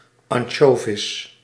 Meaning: an anchovy (small, edible saltwater fish species, especially Engraulis encrasicolus)
- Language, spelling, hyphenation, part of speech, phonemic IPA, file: Dutch, ansjovis, an‧sjo‧vis, noun, /ɑnˈʃoːvɪs/, Nl-ansjovis.ogg